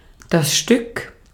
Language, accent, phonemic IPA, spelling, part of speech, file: German, Austria, /ʃtʏk/, Stück, noun, De-at-Stück.ogg
- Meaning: 1. one, item, piece, unit(of something countable; often untranslated in English) 2. head (a single animal) 3. piece (portion of something bigger or of an uncountable mass)